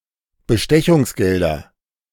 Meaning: nominative/accusative/genitive plural of Bestechungsgeld
- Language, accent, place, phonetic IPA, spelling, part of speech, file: German, Germany, Berlin, [bəˈʃtɛçʊŋsˌɡɛldɐ], Bestechungsgelder, noun, De-Bestechungsgelder.ogg